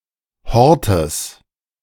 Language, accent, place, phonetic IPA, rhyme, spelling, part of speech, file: German, Germany, Berlin, [ˈhɔʁtəs], -ɔʁtəs, Hortes, noun, De-Hortes.ogg
- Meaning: genitive singular of Hort